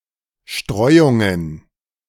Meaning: plural of Streuung
- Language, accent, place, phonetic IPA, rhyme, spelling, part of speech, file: German, Germany, Berlin, [ˈʃtʁɔɪ̯ʊŋən], -ɔɪ̯ʊŋən, Streuungen, noun, De-Streuungen.ogg